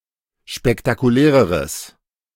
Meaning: strong/mixed nominative/accusative neuter singular comparative degree of spektakulär
- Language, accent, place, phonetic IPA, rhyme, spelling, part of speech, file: German, Germany, Berlin, [ʃpɛktakuˈlɛːʁəʁəs], -ɛːʁəʁəs, spektakuläreres, adjective, De-spektakuläreres.ogg